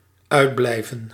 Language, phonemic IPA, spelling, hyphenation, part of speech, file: Dutch, /ˈœy̯dˌblɛi̯.və(n)/, uitblijven, uit‧blij‧ven, verb, Nl-uitblijven.ogg
- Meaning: to fail to appear, materialize or occur